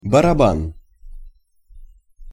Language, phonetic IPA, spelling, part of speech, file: Russian, [bərɐˈban], барабан, noun, Ru-барабан.ogg
- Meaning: 1. drum 2. drum, barrel, cylinder